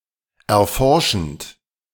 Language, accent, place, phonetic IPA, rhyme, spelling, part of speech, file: German, Germany, Berlin, [ɛɐ̯ˈfɔʁʃn̩t], -ɔʁʃn̩t, erforschend, verb, De-erforschend.ogg
- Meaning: present participle of erforschen